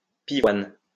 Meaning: peony (flower)
- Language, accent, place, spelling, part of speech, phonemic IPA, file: French, France, Lyon, pivoine, noun, /pi.vwan/, LL-Q150 (fra)-pivoine.wav